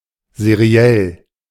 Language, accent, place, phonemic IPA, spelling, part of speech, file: German, Germany, Berlin, /zeˈʁi̯ɛl/, seriell, adjective, De-seriell.ogg
- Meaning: serial